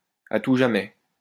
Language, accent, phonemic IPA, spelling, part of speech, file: French, France, /a tu ʒa.mɛ/, à tout jamais, adverb, LL-Q150 (fra)-à tout jamais.wav
- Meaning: forever and ever